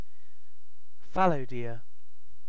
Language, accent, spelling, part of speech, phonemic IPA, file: English, UK, fallow deer, noun, /ˈfæl.əʊˌdɪə/, En-uk-fallow deer.ogg
- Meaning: A ruminant mammal of the genus Dama belonging to the family Cervidae